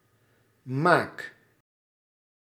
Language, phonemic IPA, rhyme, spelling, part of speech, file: Dutch, /maːk/, -aːk, maak, verb, Nl-maak.ogg
- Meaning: inflection of maken: 1. first-person singular present indicative 2. second-person singular present indicative 3. imperative